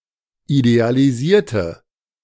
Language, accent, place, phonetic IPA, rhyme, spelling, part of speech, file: German, Germany, Berlin, [idealiˈziːɐ̯tə], -iːɐ̯tə, idealisierte, adjective / verb, De-idealisierte.ogg
- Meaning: inflection of idealisieren: 1. first/third-person singular preterite 2. first/third-person singular subjunctive II